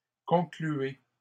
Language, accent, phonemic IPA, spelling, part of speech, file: French, Canada, /kɔ̃.kly.e/, concluez, verb, LL-Q150 (fra)-concluez.wav
- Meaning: inflection of conclure: 1. second-person plural present indicative 2. second-person plural imperative